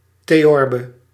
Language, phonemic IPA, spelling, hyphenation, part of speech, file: Dutch, /teˈjɔrbə/, theorbe, the‧or‧be, noun, Nl-theorbe.ogg
- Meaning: theorbo